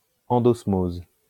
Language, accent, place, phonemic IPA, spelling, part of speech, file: French, France, Lyon, /ɑ̃.dɔs.moz/, endosmose, noun, LL-Q150 (fra)-endosmose.wav
- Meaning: endosmosis